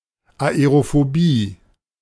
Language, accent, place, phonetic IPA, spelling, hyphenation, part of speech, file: German, Germany, Berlin, [aeʀofoˈbiː], Aerophobie, Ae‧ro‧pho‧bie, noun, De-Aerophobie.ogg
- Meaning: aerophobia